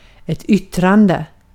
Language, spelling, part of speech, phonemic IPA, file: Swedish, yttrande, verb / noun, /²ʏtːrandɛ/, Sv-yttrande.ogg
- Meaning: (verb) present participle of yttra; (noun) a statement, an expression, speech (as in: freedom of)